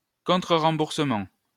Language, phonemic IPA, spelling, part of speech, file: French, /ʁɑ̃.buʁ.sə.mɑ̃/, remboursement, noun, LL-Q150 (fra)-remboursement.wav
- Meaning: reimbursement, refund